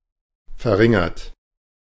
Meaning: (verb) past participle of verringern; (adjective) decreased, reduced; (verb) inflection of verringern: 1. third-person singular present 2. second-person plural present 3. plural imperative
- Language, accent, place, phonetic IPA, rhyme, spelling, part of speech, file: German, Germany, Berlin, [fɛɐ̯ˈʁɪŋɐt], -ɪŋɐt, verringert, verb, De-verringert.ogg